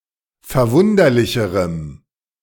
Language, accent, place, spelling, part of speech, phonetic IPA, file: German, Germany, Berlin, verwunderlicherem, adjective, [fɛɐ̯ˈvʊndɐlɪçəʁəm], De-verwunderlicherem.ogg
- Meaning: strong dative masculine/neuter singular comparative degree of verwunderlich